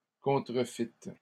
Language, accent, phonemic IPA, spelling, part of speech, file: French, Canada, /kɔ̃.tʁə.fit/, contrefîtes, verb, LL-Q150 (fra)-contrefîtes.wav
- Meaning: second-person plural past historic of contrefaire